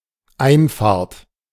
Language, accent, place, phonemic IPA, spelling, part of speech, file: German, Germany, Berlin, /ˈaɪ̯nˌfaːɐ̯t/, Einfahrt, noun, De-Einfahrt.ogg
- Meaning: 1. entry, entrance, way in 2. driveway